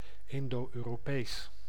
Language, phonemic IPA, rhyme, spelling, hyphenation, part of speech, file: Dutch, /ˌɪn.doː.øː.roːˈpeːs/, -eːs, Indo-Europees, In‧do-Eu‧ro‧pees, adjective / proper noun, Nl-Indo-Europees.ogg
- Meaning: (adjective) Indo-European; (proper noun) Indo-European, the Indo-European language family